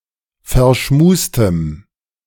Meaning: strong dative masculine/neuter singular of verschmust
- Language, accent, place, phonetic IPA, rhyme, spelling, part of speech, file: German, Germany, Berlin, [fɛɐ̯ˈʃmuːstəm], -uːstəm, verschmustem, adjective, De-verschmustem.ogg